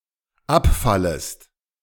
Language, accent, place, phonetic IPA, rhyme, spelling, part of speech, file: German, Germany, Berlin, [ˈapˌfaləst], -apfaləst, abfallest, verb, De-abfallest.ogg
- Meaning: second-person singular dependent subjunctive I of abfallen